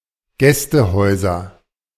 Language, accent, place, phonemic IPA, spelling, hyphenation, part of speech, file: German, Germany, Berlin, /ˈɡɛstəˌhɔɪ̯zɐ/, Gästehäuser, Gäs‧te‧häu‧ser, noun, De-Gästehäuser.ogg
- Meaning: nominative/accusative/genitive plural of Gästehaus